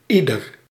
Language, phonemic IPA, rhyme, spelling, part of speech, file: Dutch, /ˈi.dər/, -idər, ieder, determiner / pronoun, Nl-ieder.ogg
- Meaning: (determiner) 1. each 2. any; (pronoun) everybody, everyone